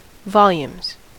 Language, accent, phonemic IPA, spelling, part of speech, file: English, US, /ˈvɑ.ljumz/, volumes, noun / verb, En-us-volumes.ogg
- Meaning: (noun) plural of volume; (verb) third-person singular simple present indicative of volume